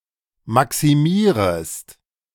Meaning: second-person singular subjunctive I of maximieren
- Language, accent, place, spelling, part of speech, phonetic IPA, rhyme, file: German, Germany, Berlin, maximierest, verb, [ˌmaksiˈmiːʁəst], -iːʁəst, De-maximierest.ogg